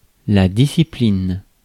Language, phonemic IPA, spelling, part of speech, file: French, /di.si.plin/, discipline, noun / verb, Fr-discipline.ogg
- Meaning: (noun) 1. discipline, sanction 2. discipline, self-control 3. discipline, branch; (verb) inflection of discipliner: first/third-person singular present indicative/subjunctive